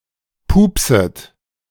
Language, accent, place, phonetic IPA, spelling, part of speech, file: German, Germany, Berlin, [ˈpuːpsət], pupset, verb, De-pupset.ogg
- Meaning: second-person plural subjunctive I of pupsen